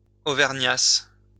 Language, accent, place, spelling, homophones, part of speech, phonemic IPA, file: French, France, Lyon, auvergnasse, auvergnasses / auvergnassent, verb, /o.vɛʁ.ɲas/, LL-Q150 (fra)-auvergnasse.wav
- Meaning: first-person singular imperfect subjunctive of auvergner